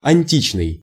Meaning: antique, ancient, classical
- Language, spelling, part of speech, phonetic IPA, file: Russian, античный, adjective, [ɐnʲˈtʲit͡ɕnɨj], Ru-античный.ogg